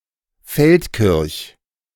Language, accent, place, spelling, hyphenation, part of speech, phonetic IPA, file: German, Germany, Berlin, Feldkirch, Feld‧kirch, proper noun, [ˈfɛltkɪʁç], De-Feldkirch.ogg
- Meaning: 1. a municipality of Vorarlberg, Austria 2. a municipality of Alsace